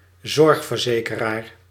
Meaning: a health insurer (insurance company providing health insurances)
- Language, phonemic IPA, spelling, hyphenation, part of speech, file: Dutch, /ˈzɔrx.vərˌzeː.kə.raːr/, zorgverzekeraar, zorg‧ver‧ze‧ke‧raar, noun, Nl-zorgverzekeraar.ogg